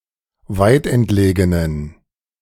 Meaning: inflection of weitentlegen: 1. strong genitive masculine/neuter singular 2. weak/mixed genitive/dative all-gender singular 3. strong/weak/mixed accusative masculine singular 4. strong dative plural
- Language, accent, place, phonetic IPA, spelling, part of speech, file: German, Germany, Berlin, [ˈvaɪ̯tʔɛntˌleːɡənən], weitentlegenen, adjective, De-weitentlegenen.ogg